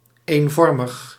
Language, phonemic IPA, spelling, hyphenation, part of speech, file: Dutch, /ˌeːnˈvɔr.məx/, eenvormig, een‧vor‧mig, adjective, Nl-eenvormig.ogg
- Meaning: uniform